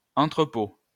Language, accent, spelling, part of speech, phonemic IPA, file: French, France, entrepôt, noun, /ɑ̃.tʁə.po/, LL-Q150 (fra)-entrepôt.wav
- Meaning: warehouse; storehouse